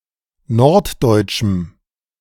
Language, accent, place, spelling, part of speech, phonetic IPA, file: German, Germany, Berlin, norddeutschem, adjective, [ˈnɔʁtˌdɔɪ̯t͡ʃm̩], De-norddeutschem.ogg
- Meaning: strong dative masculine/neuter singular of norddeutsch